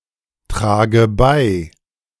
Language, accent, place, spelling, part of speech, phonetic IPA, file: German, Germany, Berlin, trage bei, verb, [ˌtʁaːɡə ˈbaɪ̯], De-trage bei.ogg
- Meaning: inflection of beitragen: 1. first-person singular present 2. first/third-person singular subjunctive I 3. singular imperative